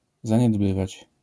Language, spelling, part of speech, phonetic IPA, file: Polish, zaniedbywać, verb, [ˌzãɲɛdˈbɨvat͡ɕ], LL-Q809 (pol)-zaniedbywać.wav